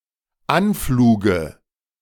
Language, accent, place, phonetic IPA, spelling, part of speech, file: German, Germany, Berlin, [ˈanˌfluːɡə], Anfluge, noun, De-Anfluge.ogg
- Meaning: dative singular of Anflug